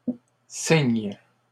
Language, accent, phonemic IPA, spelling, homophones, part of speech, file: French, Canada, /siɲ/, signes, cygne / cygnes / signe / signent, noun / verb, LL-Q150 (fra)-signes.wav
- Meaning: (noun) plural of signe; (verb) second-person singular present indicative/subjunctive of signer